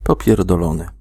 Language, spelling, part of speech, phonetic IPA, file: Polish, popierdolony, adjective / verb, [ˌpɔpʲjɛrdɔˈlɔ̃nɨ], Pl-popierdolony.ogg